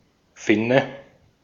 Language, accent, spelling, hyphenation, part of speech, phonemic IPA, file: German, Austria, Finne, Fin‧ne, noun, /ˈfɪnə/, De-at-Finne.ogg
- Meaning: 1. big dorsal fin as found in large fish and marine mammals 2. the wedge-shaped end of a hammer's head 3. pimple, pustule 4. larva (of a parasitic worm) 5. Finn (person from Finland)